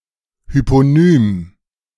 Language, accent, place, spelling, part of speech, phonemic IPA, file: German, Germany, Berlin, Hyponym, noun, /hypoˈnyːm/, De-Hyponym.ogg
- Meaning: hyponym